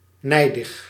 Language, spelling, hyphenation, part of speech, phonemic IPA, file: Dutch, nijdig, nij‧dig, adjective, /ˈnɛi̯.dəx/, Nl-nijdig.ogg
- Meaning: angry, livid, furious